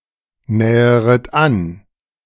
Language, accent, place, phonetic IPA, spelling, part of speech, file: German, Germany, Berlin, [ˌnɛːəʁət ˈan], näheret an, verb, De-näheret an.ogg
- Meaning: second-person plural subjunctive I of annähern